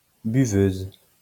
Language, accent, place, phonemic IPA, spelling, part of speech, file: French, France, Lyon, /by.vøz/, buveuse, noun, LL-Q150 (fra)-buveuse.wav
- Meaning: female equivalent of buveur